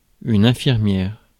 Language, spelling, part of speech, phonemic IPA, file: French, infirmière, noun, /ɛ̃.fiʁ.mjɛʁ/, Fr-infirmière.ogg
- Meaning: nurse